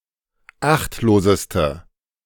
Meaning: inflection of achtlos: 1. strong/mixed nominative/accusative feminine singular superlative degree 2. strong nominative/accusative plural superlative degree
- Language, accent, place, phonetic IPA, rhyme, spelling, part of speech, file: German, Germany, Berlin, [ˈaxtloːzəstə], -axtloːzəstə, achtloseste, adjective, De-achtloseste.ogg